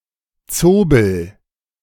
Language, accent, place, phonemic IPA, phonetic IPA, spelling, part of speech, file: German, Germany, Berlin, /ˈt͡soːbəl/, [ˈt͡soːbl̩], Zobel, noun, De-Zobel.ogg
- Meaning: sable (Martes zibellina)